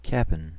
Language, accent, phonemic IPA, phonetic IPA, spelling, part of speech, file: English, US, /ˈkæpn̩/, [ˈkæʔm̩], cap'n, noun, En-us-cap'n.ogg
- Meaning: Contraction of captain used as a title